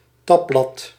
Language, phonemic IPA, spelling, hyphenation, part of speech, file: Dutch, /ˈtɑ.blɑt/, tabblad, tab‧blad, noun, Nl-tabblad.ogg
- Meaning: 1. tab (physical divider) 2. tab (navigational widget, e.g. in a window)